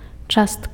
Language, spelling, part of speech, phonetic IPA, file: Belarusian, частка, noun, [ˈt͡ʂastka], Be-частка.ogg
- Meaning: part